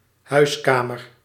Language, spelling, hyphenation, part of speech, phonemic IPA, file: Dutch, huiskamer, huis‧ka‧mer, noun, /ˈɦœy̯sˌkaː.mər/, Nl-huiskamer.ogg
- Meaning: living room